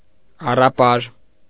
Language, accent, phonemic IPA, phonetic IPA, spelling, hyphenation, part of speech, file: Armenian, Eastern Armenian, /ɑrɑˈpɑɾ/, [ɑrɑpɑ́ɾ], առապար, ա‧ռա‧պար, noun / adjective, Hy-առապար.ogg
- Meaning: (noun) craggy place; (adjective) stony, rugged, craggy